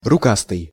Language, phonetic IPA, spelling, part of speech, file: Russian, [rʊˈkastɨj], рукастый, adjective, Ru-рукастый.ogg
- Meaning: 1. long-armed 2. efficient, skillful